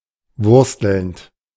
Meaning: present participle of wursteln
- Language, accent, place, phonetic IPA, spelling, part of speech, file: German, Germany, Berlin, [ˈvʊʁstl̩nt], wurstelnd, verb, De-wurstelnd.ogg